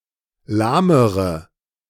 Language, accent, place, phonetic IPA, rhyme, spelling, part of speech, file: German, Germany, Berlin, [ˈlaːməʁə], -aːməʁə, lahmere, adjective, De-lahmere.ogg
- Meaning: inflection of lahm: 1. strong/mixed nominative/accusative feminine singular comparative degree 2. strong nominative/accusative plural comparative degree